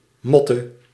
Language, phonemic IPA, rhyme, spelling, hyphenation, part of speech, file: Dutch, /ˈmɔ.tə/, -ɔtə, motte, mot‧te, noun, Nl-motte.ogg
- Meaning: a raised earth mound, often topped with a wooden or stone structure and surrounded with a ditch; a motte